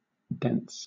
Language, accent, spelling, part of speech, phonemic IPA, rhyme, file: English, Southern England, dents, noun / verb, /dɛnts/, -ɛnts, LL-Q1860 (eng)-dents.wav
- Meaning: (noun) plural of dent; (verb) third-person singular simple present indicative of dent